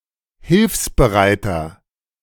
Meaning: 1. comparative degree of hilfsbereit 2. inflection of hilfsbereit: strong/mixed nominative masculine singular 3. inflection of hilfsbereit: strong genitive/dative feminine singular
- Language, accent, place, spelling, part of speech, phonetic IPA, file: German, Germany, Berlin, hilfsbereiter, adjective, [ˈhɪlfsbəˌʁaɪ̯tɐ], De-hilfsbereiter.ogg